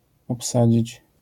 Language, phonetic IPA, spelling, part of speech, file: Polish, [ɔpˈsad͡ʑit͡ɕ], obsadzić, verb, LL-Q809 (pol)-obsadzić.wav